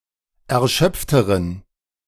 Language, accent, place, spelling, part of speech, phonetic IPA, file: German, Germany, Berlin, erschöpfteren, adjective, [ɛɐ̯ˈʃœp͡ftəʁən], De-erschöpfteren.ogg
- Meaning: inflection of erschöpft: 1. strong genitive masculine/neuter singular comparative degree 2. weak/mixed genitive/dative all-gender singular comparative degree